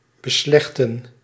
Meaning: to settle, to decide (a conflict)
- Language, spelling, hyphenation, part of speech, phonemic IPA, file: Dutch, beslechten, be‧slech‧ten, verb, /bəˈslɛxtə(n)/, Nl-beslechten.ogg